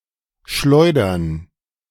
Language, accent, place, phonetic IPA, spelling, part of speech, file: German, Germany, Berlin, [ˈʃlɔɪ̯dɐn], Schleudern, noun, De-Schleudern.ogg
- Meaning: 1. gerund of schleudern 2. plural of Schleuder